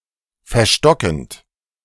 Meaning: present participle of verstocken
- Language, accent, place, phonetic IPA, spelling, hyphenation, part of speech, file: German, Germany, Berlin, [fɛɐ̯ˈʃtɔkənt], verstockend, ver‧sto‧ckend, verb, De-verstockend.ogg